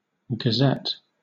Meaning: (noun) A newspaper; a printed sheet published periodically
- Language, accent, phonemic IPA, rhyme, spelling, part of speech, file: English, Southern England, /ɡəˈzɛt/, -ɛt, gazette, noun / verb, LL-Q1860 (eng)-gazette.wav